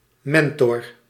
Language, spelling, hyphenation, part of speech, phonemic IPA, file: Dutch, mentor, men‧tor, noun, /ˈmɛn.tɔr/, Nl-mentor.ogg
- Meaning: a mentor, wise/grey adviser, tutor etc